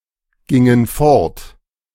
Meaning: inflection of fortgehen: 1. first/third-person plural preterite 2. first/third-person plural subjunctive II
- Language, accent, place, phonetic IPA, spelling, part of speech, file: German, Germany, Berlin, [ˌɡɪŋən ˈfɔʁt], gingen fort, verb, De-gingen fort.ogg